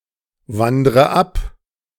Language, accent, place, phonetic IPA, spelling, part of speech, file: German, Germany, Berlin, [ˌvandʁə ˈap], wandre ab, verb, De-wandre ab.ogg
- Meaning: inflection of abwandern: 1. first-person singular present 2. first/third-person singular subjunctive I 3. singular imperative